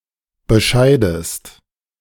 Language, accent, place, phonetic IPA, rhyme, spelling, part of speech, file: German, Germany, Berlin, [bəˈʃaɪ̯dəst], -aɪ̯dəst, bescheidest, verb, De-bescheidest.ogg
- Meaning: inflection of bescheiden: 1. second-person singular present 2. second-person singular subjunctive I